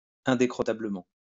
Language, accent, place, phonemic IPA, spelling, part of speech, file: French, France, Lyon, /ɛ̃.de.kʁɔ.ta.blə.mɑ̃/, indécrottablement, adverb, LL-Q150 (fra)-indécrottablement.wav
- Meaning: hopelessly